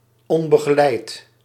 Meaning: unaccompanied
- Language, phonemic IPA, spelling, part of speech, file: Dutch, /ˌɔmbəɣəˈlɛit/, onbegeleid, adjective, Nl-onbegeleid.ogg